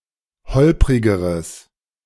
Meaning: strong/mixed nominative/accusative neuter singular comparative degree of holprig
- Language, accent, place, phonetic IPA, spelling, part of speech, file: German, Germany, Berlin, [ˈhɔlpʁɪɡəʁəs], holprigeres, adjective, De-holprigeres.ogg